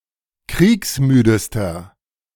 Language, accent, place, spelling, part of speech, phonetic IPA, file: German, Germany, Berlin, kriegsmüdester, adjective, [ˈkʁiːksˌmyːdəstɐ], De-kriegsmüdester.ogg
- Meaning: inflection of kriegsmüde: 1. strong/mixed nominative masculine singular superlative degree 2. strong genitive/dative feminine singular superlative degree 3. strong genitive plural superlative degree